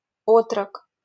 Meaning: 1. boy, adolescent (7–12 years old) 2. junior retainer, soldier (in a medieval prince's armed retinue)
- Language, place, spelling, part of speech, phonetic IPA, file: Russian, Saint Petersburg, отрок, noun, [ˈotrək], LL-Q7737 (rus)-отрок.wav